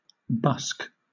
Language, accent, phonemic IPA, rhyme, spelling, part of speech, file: English, Southern England, /bʌsk/, -ʌsk, busk, verb / noun, LL-Q1860 (eng)-busk.wav
- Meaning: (verb) 1. To solicit money by entertaining the public in the street or in public transport 2. To sell articles such as obscene books in public houses etc 3. To tack, cruise about